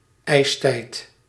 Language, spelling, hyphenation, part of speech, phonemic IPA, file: Dutch, ijstijd, ijs‧tijd, noun, /ˈɛi̯s.tɛi̯t/, Nl-ijstijd.ogg
- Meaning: an ice age, a glaciation